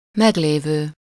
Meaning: existing
- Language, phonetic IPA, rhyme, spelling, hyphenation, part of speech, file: Hungarian, [ˈmɛɡleːvøː], -vøː, meglévő, meg‧lé‧vő, adjective, Hu-meglévő.ogg